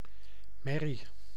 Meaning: a mare, female equine (mostly horse)
- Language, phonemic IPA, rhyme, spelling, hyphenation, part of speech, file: Dutch, /ˈmɛ.ri/, -ɛri, merrie, mer‧rie, noun, Nl-merrie.ogg